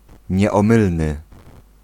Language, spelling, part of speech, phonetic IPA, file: Polish, nieomylny, adjective, [ˌɲɛɔ̃ˈmɨlnɨ], Pl-nieomylny.ogg